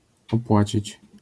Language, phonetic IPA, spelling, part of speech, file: Polish, [ɔˈpwat͡ɕit͡ɕ], opłacić, verb, LL-Q809 (pol)-opłacić.wav